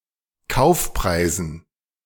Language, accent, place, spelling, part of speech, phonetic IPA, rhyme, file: German, Germany, Berlin, Kaufpreisen, noun, [ˈkaʊ̯fˌpʁaɪ̯zn̩], -aʊ̯fpʁaɪ̯zn̩, De-Kaufpreisen.ogg
- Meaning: dative plural of Kaufpreis